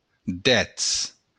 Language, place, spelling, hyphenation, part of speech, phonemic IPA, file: Occitan, Béarn, dètz, dètz, numeral, /ˈdɛt͡s/, LL-Q14185 (oci)-dètz.wav
- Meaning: ten